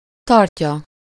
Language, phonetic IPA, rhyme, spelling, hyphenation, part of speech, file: Hungarian, [ˈtɒrcɒ], -cɒ, tartja, tart‧ja, verb, Hu-tartja.ogg
- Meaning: third-person singular indicative present definite of tart